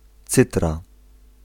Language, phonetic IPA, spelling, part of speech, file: Polish, [ˈt͡sɨtra], cytra, noun, Pl-cytra.ogg